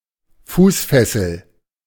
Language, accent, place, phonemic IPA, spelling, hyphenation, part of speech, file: German, Germany, Berlin, /ˈfuːsˌfɛsl̩/, Fußfessel, Fuß‧fes‧sel, noun, De-Fußfessel.ogg
- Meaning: foot shackle